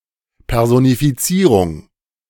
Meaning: personification
- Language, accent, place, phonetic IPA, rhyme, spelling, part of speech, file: German, Germany, Berlin, [pɛʁzonifiˈt͡siːʁʊŋ], -iːʁʊŋ, Personifizierung, noun, De-Personifizierung.ogg